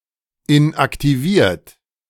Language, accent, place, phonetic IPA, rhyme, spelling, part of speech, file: German, Germany, Berlin, [ɪnʔaktiˈviːɐ̯t], -iːɐ̯t, inaktiviert, verb, De-inaktiviert.ogg
- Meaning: 1. past participle of inaktivieren 2. inflection of inaktivieren: second-person plural present 3. inflection of inaktivieren: third-person singular present